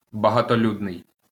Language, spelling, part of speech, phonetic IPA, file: Ukrainian, багатолюдний, adjective, [bɐɦɐtoˈlʲudnei̯], LL-Q8798 (ukr)-багатолюдний.wav
- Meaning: 1. crowded 2. populous